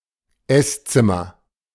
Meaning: dining room (room, in a home or hotel, where meals are eaten)
- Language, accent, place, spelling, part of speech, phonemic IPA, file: German, Germany, Berlin, Esszimmer, noun, /ˈɛsˌt͡sɪmɐ/, De-Esszimmer.ogg